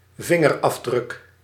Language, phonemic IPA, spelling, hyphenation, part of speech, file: Dutch, /ˈvɪ.ŋər.ɑfˌdrʏk/, vingerafdruk, vin‧ger‧af‧druk, noun, Nl-vingerafdruk.ogg
- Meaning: a fingerprint